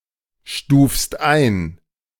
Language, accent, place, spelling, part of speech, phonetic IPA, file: German, Germany, Berlin, stufst ein, verb, [ˌʃtuːfst ˈaɪ̯n], De-stufst ein.ogg
- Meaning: second-person singular present of einstufen